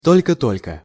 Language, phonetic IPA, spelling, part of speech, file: Russian, [ˈtolʲkə ˈtolʲkə], только-только, adverb, Ru-только-только.ogg
- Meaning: 1. only just (barely) 2. only just (just recently)